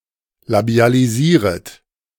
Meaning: second-person plural subjunctive I of labialisieren
- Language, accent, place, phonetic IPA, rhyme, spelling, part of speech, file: German, Germany, Berlin, [labi̯aliˈziːʁət], -iːʁət, labialisieret, verb, De-labialisieret.ogg